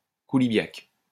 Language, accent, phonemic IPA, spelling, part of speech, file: French, France, /ku.li.bjak/, koulibiak, noun, LL-Q150 (fra)-koulibiak.wav
- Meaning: coulibiac